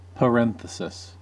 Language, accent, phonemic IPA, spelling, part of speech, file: English, US, /pəˈɹɛn.θə.sɪs/, parenthesis, noun, En-us-parenthesis.ogg
- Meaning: A clause, phrase or word which is inserted (usually for explanation or amplification) into a passage which is already grammatically complete, and usually marked off with brackets, commas or dashes